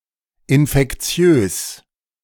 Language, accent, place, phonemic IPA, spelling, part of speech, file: German, Germany, Berlin, /ˌɪnfɛkˈt͡si̯øːs/, infektiös, adjective, De-infektiös.ogg
- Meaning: infectious